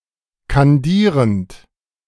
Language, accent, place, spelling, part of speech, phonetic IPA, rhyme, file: German, Germany, Berlin, kandierend, verb, [kanˈdiːʁənt], -iːʁənt, De-kandierend.ogg
- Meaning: present participle of kandieren